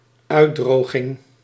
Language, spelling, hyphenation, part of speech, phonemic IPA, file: Dutch, uitdroging, uit‧dro‧ging, noun, /ˈœydroɣɪŋ/, Nl-uitdroging.ogg
- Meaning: dehydration